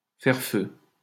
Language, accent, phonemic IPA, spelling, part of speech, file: French, France, /fɛʁ fø/, faire feu, verb, LL-Q150 (fra)-faire feu.wav
- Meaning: to fire (to shoot a weapon)